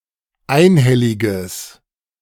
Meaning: strong/mixed nominative/accusative neuter singular of einhellig
- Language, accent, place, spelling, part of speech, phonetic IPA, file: German, Germany, Berlin, einhelliges, adjective, [ˈaɪ̯nˌhɛlɪɡəs], De-einhelliges.ogg